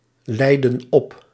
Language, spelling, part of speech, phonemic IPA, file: Dutch, leidden op, verb, /ˈlɛidə(n) ˈɔp/, Nl-leidden op.ogg
- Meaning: inflection of opleiden: 1. plural past indicative 2. plural past subjunctive